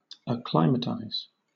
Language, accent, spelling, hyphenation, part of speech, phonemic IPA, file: English, Southern England, acclimatize, ac‧cli‧ma‧tize, verb, /əˈklaɪ.məˌtaɪz/, LL-Q1860 (eng)-acclimatize.wav
- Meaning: To get used to a new climate, or to a new situation